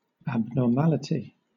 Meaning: 1. The state or quality of being abnormal; variation; irregularity 2. Something abnormal; an aberration; an abnormal occurrence or feature
- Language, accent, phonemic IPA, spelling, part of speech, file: English, Southern England, /ˌæbnɔːˈmælɪtɪ/, abnormality, noun, LL-Q1860 (eng)-abnormality.wav